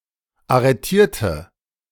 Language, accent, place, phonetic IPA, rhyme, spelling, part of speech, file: German, Germany, Berlin, [aʁəˈtiːɐ̯tə], -iːɐ̯tə, arretierte, adjective / verb, De-arretierte.ogg
- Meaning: inflection of arretieren: 1. first/third-person singular preterite 2. first/third-person singular subjunctive II